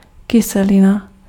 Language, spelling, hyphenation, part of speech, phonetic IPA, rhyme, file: Czech, kyselina, ky‧se‧li‧na, noun, [ˈkɪsɛlɪna], -ɪna, Cs-kyselina.ogg
- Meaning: acid